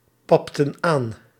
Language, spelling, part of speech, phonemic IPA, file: Dutch, papten aan, verb, /ˈpɑptə(n) ˈan/, Nl-papten aan.ogg
- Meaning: inflection of aanpappen: 1. plural past indicative 2. plural past subjunctive